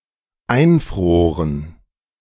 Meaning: first/third-person plural dependent preterite of einfrieren
- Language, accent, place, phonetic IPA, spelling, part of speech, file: German, Germany, Berlin, [ˈaɪ̯nˌfʁoːʁən], einfroren, verb, De-einfroren.ogg